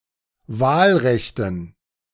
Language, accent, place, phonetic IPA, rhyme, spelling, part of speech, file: German, Germany, Berlin, [ˈvaːlˌʁɛçtn̩], -aːlʁɛçtn̩, Wahlrechten, noun, De-Wahlrechten.ogg
- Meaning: dative plural of Wahlrecht